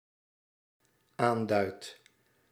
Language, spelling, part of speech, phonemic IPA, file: Dutch, aanduidt, verb, /ˈandœyt/, Nl-aanduidt.ogg
- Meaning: second/third-person singular dependent-clause present indicative of aanduiden